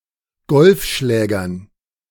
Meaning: dative plural of Golfschläger
- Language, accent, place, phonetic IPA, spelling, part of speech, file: German, Germany, Berlin, [ˈɡɔlfˌʃlɛːɡɐn], Golfschlägern, noun, De-Golfschlägern.ogg